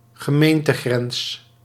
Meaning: municipal boundary
- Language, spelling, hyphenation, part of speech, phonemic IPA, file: Dutch, gemeentegrens, ge‧meen‧te‧grens, noun, /ɣəˈmeːn.təˌɣrɛns/, Nl-gemeentegrens.ogg